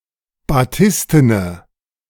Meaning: inflection of batisten: 1. strong/mixed nominative/accusative feminine singular 2. strong nominative/accusative plural 3. weak nominative all-gender singular
- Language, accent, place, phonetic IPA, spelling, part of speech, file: German, Germany, Berlin, [baˈtɪstənə], batistene, adjective, De-batistene.ogg